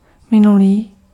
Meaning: past
- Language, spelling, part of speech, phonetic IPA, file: Czech, minulý, adjective, [ˈmɪnuliː], Cs-minulý.ogg